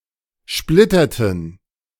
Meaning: inflection of splittern: 1. first/third-person plural preterite 2. first/third-person plural subjunctive II
- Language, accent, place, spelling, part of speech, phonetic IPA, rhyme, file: German, Germany, Berlin, splitterten, verb, [ˈʃplɪtɐtn̩], -ɪtɐtn̩, De-splitterten.ogg